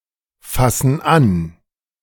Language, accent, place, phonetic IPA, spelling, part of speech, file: German, Germany, Berlin, [ˌfasn̩ ˈan], fassen an, verb, De-fassen an.ogg
- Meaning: inflection of anfassen: 1. first/third-person plural present 2. first/third-person plural subjunctive I